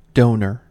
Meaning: 1. One who makes a donation 2. An object, typically broken beyond repair, that is used for spare parts
- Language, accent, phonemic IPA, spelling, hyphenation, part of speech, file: English, US, /ˈdoʊnɚ/, donor, do‧nor, noun, En-us-donor.ogg